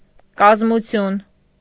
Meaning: 1. structure 2. making, formation, compositing 3. composition; structure 4. organization
- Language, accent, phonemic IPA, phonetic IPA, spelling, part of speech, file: Armenian, Eastern Armenian, /kɑzmuˈtʰjun/, [kɑzmut͡sʰjún], կազմություն, noun, Hy-կազմություն.ogg